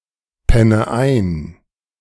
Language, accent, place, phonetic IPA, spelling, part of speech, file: German, Germany, Berlin, [ˌpɛnə ˈaɪ̯n], penne ein, verb, De-penne ein.ogg
- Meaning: inflection of einpennen: 1. first-person singular present 2. first/third-person singular subjunctive I 3. singular imperative